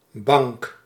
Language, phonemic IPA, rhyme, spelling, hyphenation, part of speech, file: Dutch, /bɑŋk/, -ɑŋk, bank, bank, noun, Nl-bank.ogg
- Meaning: 1. bench 2. couch, sofa 3. place where seashells are found 4. shallow part of the sea near the coast 5. a bank (financial institution)